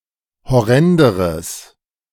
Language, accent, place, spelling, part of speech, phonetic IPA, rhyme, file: German, Germany, Berlin, horrenderes, adjective, [hɔˈʁɛndəʁəs], -ɛndəʁəs, De-horrenderes.ogg
- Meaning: strong/mixed nominative/accusative neuter singular comparative degree of horrend